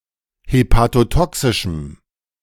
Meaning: strong dative masculine/neuter singular of hepatotoxisch
- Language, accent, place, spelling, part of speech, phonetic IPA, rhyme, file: German, Germany, Berlin, hepatotoxischem, adjective, [hepatoˈtɔksɪʃm̩], -ɔksɪʃm̩, De-hepatotoxischem.ogg